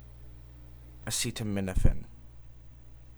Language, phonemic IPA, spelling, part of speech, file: English, /əˌsitəˈmɪnəfən/, acetaminophen, noun, En-acetaminophen.oga
- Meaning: A white crystalline compound used in medicine as an anodyne to relieve pain and reduce fever